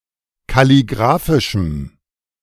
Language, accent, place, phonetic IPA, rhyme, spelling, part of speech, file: German, Germany, Berlin, [kaliˈɡʁaːfɪʃm̩], -aːfɪʃm̩, kalligraphischem, adjective, De-kalligraphischem.ogg
- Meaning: strong dative masculine/neuter singular of kalligraphisch